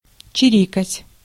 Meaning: to chirp, to twitter
- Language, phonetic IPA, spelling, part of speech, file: Russian, [t͡ɕɪˈrʲikətʲ], чирикать, verb, Ru-чирикать.ogg